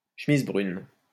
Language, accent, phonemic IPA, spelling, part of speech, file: French, France, /ʃə.miz bʁyn/, chemise brune, noun, LL-Q150 (fra)-chemise brune.wav
- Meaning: brownshirt (uniformed member of the German Nazi Party (NSDAP), especially a storm trooper of the Sturmabteilung)